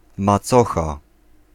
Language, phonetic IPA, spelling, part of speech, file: Polish, [maˈt͡sɔxa], macocha, noun, Pl-macocha.ogg